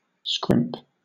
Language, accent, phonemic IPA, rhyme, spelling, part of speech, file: English, Southern England, /skɹɪmp/, -ɪmp, scrimp, noun / verb / adjective, LL-Q1860 (eng)-scrimp.wav
- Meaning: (noun) A pinching miser; a niggard; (verb) 1. To make too small or short; to shortchange 2. To limit or straiten; to put on short allowance